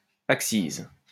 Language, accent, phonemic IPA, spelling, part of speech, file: French, France, /ak.siz/, accise, noun, LL-Q150 (fra)-accise.wav
- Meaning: excise, excise tax